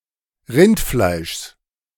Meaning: genitive singular of Rindfleisch
- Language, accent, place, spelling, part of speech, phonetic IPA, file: German, Germany, Berlin, Rindfleischs, noun, [ˈʁɪntˌflaɪ̯ʃs], De-Rindfleischs.ogg